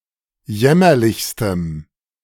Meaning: strong dative masculine/neuter singular superlative degree of jämmerlich
- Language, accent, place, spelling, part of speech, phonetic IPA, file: German, Germany, Berlin, jämmerlichstem, adjective, [ˈjɛmɐlɪçstəm], De-jämmerlichstem.ogg